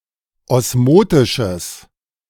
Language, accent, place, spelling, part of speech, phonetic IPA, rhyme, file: German, Germany, Berlin, osmotisches, adjective, [ˌɔsˈmoːtɪʃəs], -oːtɪʃəs, De-osmotisches.ogg
- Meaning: strong/mixed nominative/accusative neuter singular of osmotisch